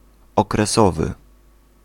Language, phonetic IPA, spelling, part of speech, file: Polish, [ˌɔkrɛˈsɔvɨ], okresowy, adjective, Pl-okresowy.ogg